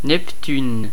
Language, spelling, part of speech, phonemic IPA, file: French, Neptune, proper noun, /nɛp.tyn/, Fr-Neptune.ogg
- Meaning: 1. Neptune (planet) 2. Neptune (Roman god of the sea)